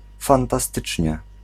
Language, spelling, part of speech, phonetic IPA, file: Polish, fantastycznie, adverb, [ˌfãntaˈstɨt͡ʃʲɲɛ], Pl-fantastycznie.ogg